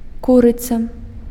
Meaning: chicken
- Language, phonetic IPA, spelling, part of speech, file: Belarusian, [ˈkurɨt͡sa], курыца, noun, Be-курыца.ogg